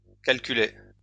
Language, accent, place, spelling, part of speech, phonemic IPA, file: French, France, Lyon, calculaient, verb, /kal.ky.lɛ/, LL-Q150 (fra)-calculaient.wav
- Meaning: third-person plural imperfect indicative of calculer